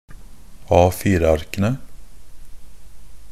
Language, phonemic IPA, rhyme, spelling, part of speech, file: Norwegian Bokmål, /ɑːfiːrəarkənə/, -ənə, A4-arkene, noun, NB - Pronunciation of Norwegian Bokmål «A4-arkene».ogg
- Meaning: definite plural of A4-ark